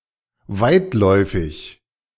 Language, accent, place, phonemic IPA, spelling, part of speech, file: German, Germany, Berlin, /ˈvaɪ̯tˌlɔɪ̯fɪç/, weitläufig, adjective, De-weitläufig.ogg
- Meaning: 1. spacious, ample, expansive 2. rambling, sprawling (larger than needed)